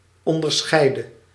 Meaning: inflection of onderscheiden: 1. singular past indicative 2. singular past subjunctive
- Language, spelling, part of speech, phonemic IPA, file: Dutch, onderscheidde, verb, /ˌɔndərˈsxɛi̯də/, Nl-onderscheidde.ogg